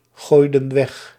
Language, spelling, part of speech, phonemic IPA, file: Dutch, gooiden weg, verb, /ˈɣojdə(n) ˈwɛx/, Nl-gooiden weg.ogg
- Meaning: inflection of weggooien: 1. plural past indicative 2. plural past subjunctive